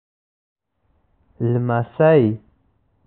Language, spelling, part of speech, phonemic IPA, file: Pashto, لمسی, noun, /lmaˈsai/, لمسی.ogg
- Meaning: grandson